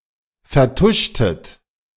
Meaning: inflection of vertuschen: 1. second-person plural preterite 2. second-person plural subjunctive II
- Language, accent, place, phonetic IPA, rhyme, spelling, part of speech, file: German, Germany, Berlin, [fɛɐ̯ˈtʊʃtət], -ʊʃtət, vertuschtet, verb, De-vertuschtet.ogg